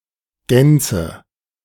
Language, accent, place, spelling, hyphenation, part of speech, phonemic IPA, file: German, Germany, Berlin, Gänze, Gän‧ze, noun, /ˈɡɛnt͡sə/, De-Gänze.ogg
- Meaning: totality